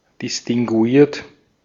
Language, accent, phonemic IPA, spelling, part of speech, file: German, Austria, /distiŋɡuˈiːɐ̯t/, distinguiert, adjective, De-at-distinguiert.ogg
- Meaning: distinguished